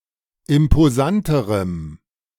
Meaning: strong dative masculine/neuter singular comparative degree of imposant
- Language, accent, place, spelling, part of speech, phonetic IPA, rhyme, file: German, Germany, Berlin, imposanterem, adjective, [ɪmpoˈzantəʁəm], -antəʁəm, De-imposanterem.ogg